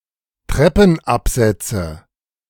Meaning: nominative/accusative/genitive plural of Treppenabsatz
- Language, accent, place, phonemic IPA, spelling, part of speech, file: German, Germany, Berlin, /ˈtrɛpn̩apzɛt͡sə/, Treppenabsätze, noun, De-Treppenabsätze.ogg